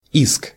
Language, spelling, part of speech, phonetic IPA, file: Russian, иск, noun, [isk], Ru-иск.ogg
- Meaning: 1. suit, action 2. complaint, claim